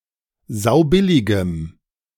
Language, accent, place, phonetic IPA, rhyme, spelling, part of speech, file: German, Germany, Berlin, [ˈzaʊ̯ˈbɪlɪɡəm], -ɪlɪɡəm, saubilligem, adjective, De-saubilligem.ogg
- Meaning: strong dative masculine/neuter singular of saubillig